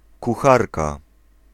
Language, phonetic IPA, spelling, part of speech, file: Polish, [kuˈxarka], kucharka, noun, Pl-kucharka.ogg